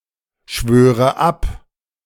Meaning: inflection of abschwören: 1. first-person singular present 2. first/third-person singular subjunctive I 3. singular imperative
- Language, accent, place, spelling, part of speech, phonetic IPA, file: German, Germany, Berlin, schwöre ab, verb, [ˌʃvøːʁə ˈap], De-schwöre ab.ogg